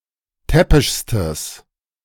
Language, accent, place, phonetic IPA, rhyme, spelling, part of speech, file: German, Germany, Berlin, [ˈtɛpɪʃstəs], -ɛpɪʃstəs, täppischstes, adjective, De-täppischstes.ogg
- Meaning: strong/mixed nominative/accusative neuter singular superlative degree of täppisch